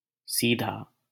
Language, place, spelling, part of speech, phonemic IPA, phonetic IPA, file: Hindi, Delhi, सीधा, adjective, /siː.d̪ʱɑː/, [siː.d̪ʱäː], LL-Q1568 (hin)-सीधा.wav
- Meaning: 1. direct 2. straight: In a straight line (without curves) 3. straight: Straight (heterosexual) 4. upright, erect 5. uncompromising 6. unpretentious, unassuming; humble